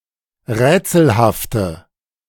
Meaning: inflection of rätselhaft: 1. strong/mixed nominative/accusative feminine singular 2. strong nominative/accusative plural 3. weak nominative all-gender singular
- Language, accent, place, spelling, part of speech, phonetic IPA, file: German, Germany, Berlin, rätselhafte, adjective, [ˈʁɛːt͡sl̩haftə], De-rätselhafte.ogg